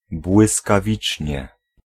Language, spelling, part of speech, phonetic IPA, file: Polish, błyskawicznie, adverb, [ˌbwɨskaˈvʲit͡ʃʲɲɛ], Pl-błyskawicznie.ogg